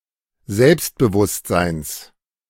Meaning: genitive singular of Selbstbewusstsein
- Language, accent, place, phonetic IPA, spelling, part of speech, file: German, Germany, Berlin, [ˈzɛlpstbəˌvʊstzaɪ̯ns], Selbstbewusstseins, noun, De-Selbstbewusstseins.ogg